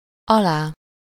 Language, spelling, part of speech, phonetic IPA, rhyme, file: Hungarian, alá, postposition / pronoun / noun, [ˈɒlaː], -laː, Hu-alá.ogg
- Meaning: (postposition) under, underneath, below, beneath; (pronoun) alternative form of alája; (noun) minus (slightly worse result than the preceding grade)